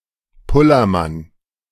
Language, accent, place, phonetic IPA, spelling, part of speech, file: German, Germany, Berlin, [ˈpʊlɐˌman], Pullermann, noun, De-Pullermann.ogg
- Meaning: the male genital; penis, willy